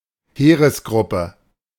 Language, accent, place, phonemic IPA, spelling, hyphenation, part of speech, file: German, Germany, Berlin, /ˈheːʁəsˌɡʁʊpə/, Heeresgruppe, Hee‧res‧grup‧pe, noun, De-Heeresgruppe.ogg
- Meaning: army group